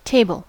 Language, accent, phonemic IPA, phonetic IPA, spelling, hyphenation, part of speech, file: English, General American, /ˈteɪbl̩/, [ˈtʰeɪb(ə)ɫ], table, ta‧ble, noun / verb, En-us-table.ogg
- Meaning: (noun) Furniture with a top surface to accommodate a variety of uses.: An item of furniture with a flat top surface raised above the ground, usually on one or more legs